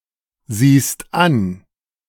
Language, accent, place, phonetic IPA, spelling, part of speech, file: German, Germany, Berlin, [ˌziːst ˈan], siehst an, verb, De-siehst an.ogg
- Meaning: second-person singular present of ansehen